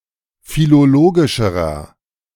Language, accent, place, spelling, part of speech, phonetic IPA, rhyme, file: German, Germany, Berlin, philologischerer, adjective, [filoˈloːɡɪʃəʁɐ], -oːɡɪʃəʁɐ, De-philologischerer.ogg
- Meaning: inflection of philologisch: 1. strong/mixed nominative masculine singular comparative degree 2. strong genitive/dative feminine singular comparative degree 3. strong genitive plural comparative degree